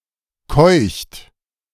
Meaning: inflection of keuchen: 1. third-person singular present 2. second-person plural present 3. plural imperative
- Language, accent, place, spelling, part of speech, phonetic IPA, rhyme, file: German, Germany, Berlin, keucht, verb, [kɔɪ̯çt], -ɔɪ̯çt, De-keucht.ogg